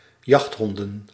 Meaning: plural of jachthond
- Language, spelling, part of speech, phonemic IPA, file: Dutch, jachthonden, noun, /ˈjɑxthɔndə(n)/, Nl-jachthonden.ogg